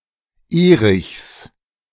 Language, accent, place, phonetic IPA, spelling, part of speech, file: German, Germany, Berlin, [ˈeːʁɪçs], Erichs, noun, De-Erichs.ogg
- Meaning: genitive of Erich